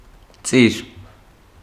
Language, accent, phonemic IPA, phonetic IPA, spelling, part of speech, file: Armenian, Eastern Armenian, /t͡siɾ/, [t͡siɾ], ծիր, noun, Hy-ծիր.ogg
- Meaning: 1. circumference, circle 2. line 3. edge, end 4. orbit 5. furrow